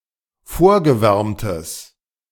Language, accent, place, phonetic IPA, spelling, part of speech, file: German, Germany, Berlin, [ˈfoːɐ̯ɡəˌvɛʁmtəs], vorgewärmtes, adjective, De-vorgewärmtes.ogg
- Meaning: strong/mixed nominative/accusative neuter singular of vorgewärmt